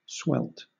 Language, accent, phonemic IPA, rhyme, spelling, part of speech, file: English, Southern England, /swɛlt/, -ɛlt, swelt, verb, LL-Q1860 (eng)-swelt.wav
- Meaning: 1. To die 2. To succumb or be overcome with emotion, heat, etc.; to faint or swelter 3. simple past of swell